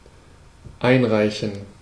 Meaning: to send in, to hand in, to submit
- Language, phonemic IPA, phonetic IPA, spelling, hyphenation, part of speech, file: German, /ˈaɪ̯nˌʁaɪ̯çən/, [ˈʔaɪ̯nˌʁaɪ̯çn̩], einreichen, ein‧rei‧chen, verb, De-einreichen.ogg